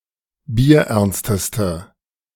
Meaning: inflection of bierernst: 1. strong/mixed nominative/accusative feminine singular superlative degree 2. strong nominative/accusative plural superlative degree
- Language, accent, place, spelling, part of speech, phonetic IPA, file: German, Germany, Berlin, bierernsteste, adjective, [biːɐ̯ˈʔɛʁnstəstə], De-bierernsteste.ogg